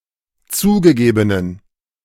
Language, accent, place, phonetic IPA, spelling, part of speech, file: German, Germany, Berlin, [ˈt͡suːɡəˌɡeːbənən], zugegebenen, adjective, De-zugegebenen.ogg
- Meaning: inflection of zugegeben: 1. strong genitive masculine/neuter singular 2. weak/mixed genitive/dative all-gender singular 3. strong/weak/mixed accusative masculine singular 4. strong dative plural